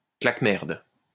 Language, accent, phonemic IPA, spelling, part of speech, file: French, France, /klak.mɛʁd/, claque-merde, noun, LL-Q150 (fra)-claque-merde.wav
- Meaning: gob; piehole (mouth)